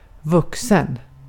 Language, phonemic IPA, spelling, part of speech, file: Swedish, /ˈvɵkˌsɛn/, vuxen, verb / adjective, Sv-vuxen.ogg
- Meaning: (verb) past participle of växa; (adjective) 1. adult (fully grown) 2. an adult